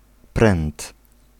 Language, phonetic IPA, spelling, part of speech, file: Polish, [prɛ̃nt], pręt, noun, Pl-pręt.ogg